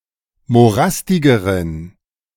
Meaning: inflection of morastig: 1. strong genitive masculine/neuter singular comparative degree 2. weak/mixed genitive/dative all-gender singular comparative degree
- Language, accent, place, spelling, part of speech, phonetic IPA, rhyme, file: German, Germany, Berlin, morastigeren, adjective, [moˈʁastɪɡəʁən], -astɪɡəʁən, De-morastigeren.ogg